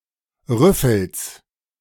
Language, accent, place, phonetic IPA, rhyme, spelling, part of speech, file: German, Germany, Berlin, [ˈʁʏfl̩s], -ʏfl̩s, Rüffels, noun, De-Rüffels.ogg
- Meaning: genitive singular of Rüffel